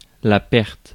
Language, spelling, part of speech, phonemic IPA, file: French, perte, noun, /pɛʁt/, Fr-perte.ogg
- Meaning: 1. loss 2. ruin; undoing